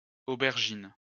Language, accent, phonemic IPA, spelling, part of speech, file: French, France, /o.bɛʁ.ʒin/, aubergines, noun, LL-Q150 (fra)-aubergines.wav
- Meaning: plural of aubergine